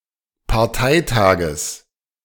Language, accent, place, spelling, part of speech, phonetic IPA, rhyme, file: German, Germany, Berlin, Parteitages, noun, [paʁˈtaɪ̯ˌtaːɡəs], -aɪ̯taːɡəs, De-Parteitages.ogg
- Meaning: genitive singular of Parteitag